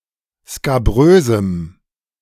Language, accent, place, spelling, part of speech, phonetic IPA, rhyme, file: German, Germany, Berlin, skabrösem, adjective, [skaˈbʁøːzm̩], -øːzm̩, De-skabrösem.ogg
- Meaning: strong dative masculine/neuter singular of skabrös